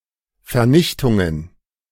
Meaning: plural of Vernichtung
- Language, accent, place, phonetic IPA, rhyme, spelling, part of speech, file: German, Germany, Berlin, [fɛɐ̯ˈnɪçtʊŋən], -ɪçtʊŋən, Vernichtungen, noun, De-Vernichtungen.ogg